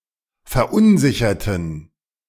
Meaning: inflection of verunsichern: 1. first/third-person plural preterite 2. first/third-person plural subjunctive II
- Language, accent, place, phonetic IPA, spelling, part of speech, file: German, Germany, Berlin, [fɛɐ̯ˈʔʊnˌzɪçɐtn̩], verunsicherten, adjective / verb, De-verunsicherten.ogg